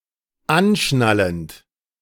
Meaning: present participle of anschnallen
- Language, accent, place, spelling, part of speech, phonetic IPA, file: German, Germany, Berlin, anschnallend, verb, [ˈanˌʃnalənt], De-anschnallend.ogg